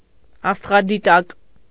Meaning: astronomical telescope
- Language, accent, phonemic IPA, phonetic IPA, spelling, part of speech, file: Armenian, Eastern Armenian, /ɑstʁɑdiˈtɑk/, [ɑstʁɑditɑ́k], աստղադիտակ, noun, Hy-աստղադիտակ.ogg